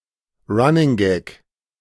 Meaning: running joke, running gag
- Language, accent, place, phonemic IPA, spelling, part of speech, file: German, Germany, Berlin, /ˌʁanɪŋˈɡɛk/, Running Gag, noun, De-Running Gag.ogg